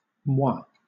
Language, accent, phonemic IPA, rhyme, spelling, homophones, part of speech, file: English, Southern England, /mwɑː/, -ɑː, mwah, moi, interjection / noun, LL-Q1860 (eng)-mwah.wav
- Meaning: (interjection) The sound of a kiss, to indicate blowing a kiss to someone